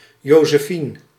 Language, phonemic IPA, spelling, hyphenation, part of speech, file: Dutch, /ˌjoː.zəˈfin/, Josefien, Jo‧se‧fien, proper noun, Nl-Josefien.ogg
- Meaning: a female given name, equivalent to English Josephine